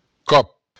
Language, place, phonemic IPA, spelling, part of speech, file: Occitan, Béarn, /kɔp/, còp, noun, LL-Q14185 (oci)-còp.wav
- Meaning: 1. hit; strike; blow 2. occasion; time; happening